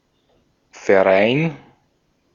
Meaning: association, club, society
- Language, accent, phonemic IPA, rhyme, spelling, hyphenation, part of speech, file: German, Austria, /fɛɐ̯ˈʁaɪ̯n/, -aɪ̯n, Verein, Ver‧ein, noun, De-at-Verein.ogg